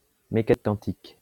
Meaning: quantum mechanics
- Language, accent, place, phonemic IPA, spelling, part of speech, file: French, France, Lyon, /me.ka.nik kɑ̃.tik/, mécanique quantique, noun, LL-Q150 (fra)-mécanique quantique.wav